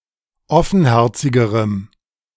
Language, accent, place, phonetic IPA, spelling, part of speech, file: German, Germany, Berlin, [ˈɔfn̩ˌhɛʁt͡sɪɡəʁəm], offenherzigerem, adjective, De-offenherzigerem.ogg
- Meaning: strong dative masculine/neuter singular comparative degree of offenherzig